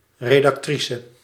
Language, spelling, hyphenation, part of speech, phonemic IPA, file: Dutch, redactrice, re‧dac‧tri‧ce, noun, /redɑkˈtrisə/, Nl-redactrice.ogg
- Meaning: female equivalent of redacteur (“editor”)